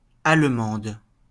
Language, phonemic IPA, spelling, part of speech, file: French, /al.mɑ̃d/, Allemande, noun, LL-Q150 (fra)-Allemande.wav
- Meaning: female equivalent of Allemand; female German (female native or inhabitant of Germany)